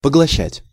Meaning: 1. to swallow up, to devour 2. to absorb, to take up
- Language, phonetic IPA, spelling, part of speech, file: Russian, [pəɡɫɐˈɕːætʲ], поглощать, verb, Ru-поглощать.ogg